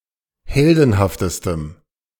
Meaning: strong dative masculine/neuter singular superlative degree of heldenhaft
- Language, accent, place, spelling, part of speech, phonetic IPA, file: German, Germany, Berlin, heldenhaftestem, adjective, [ˈhɛldn̩haftəstəm], De-heldenhaftestem.ogg